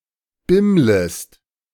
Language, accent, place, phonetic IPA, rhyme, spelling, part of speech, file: German, Germany, Berlin, [ˈbɪmləst], -ɪmləst, bimmlest, verb, De-bimmlest.ogg
- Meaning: second-person singular subjunctive I of bimmeln